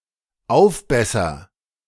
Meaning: first-person singular dependent present of aufbessern
- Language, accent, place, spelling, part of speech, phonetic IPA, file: German, Germany, Berlin, aufbesser, verb, [ˈaʊ̯fˌbɛsɐ], De-aufbesser.ogg